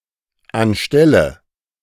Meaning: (preposition) instead of, in place of; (adverb) instead; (verb) inflection of anstellen: 1. first-person singular dependent present 2. first/third-person singular dependent subjunctive I
- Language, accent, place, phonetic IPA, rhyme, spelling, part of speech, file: German, Germany, Berlin, [anˈʃtɛlə], -ɛlə, anstelle, adverb, De-anstelle.ogg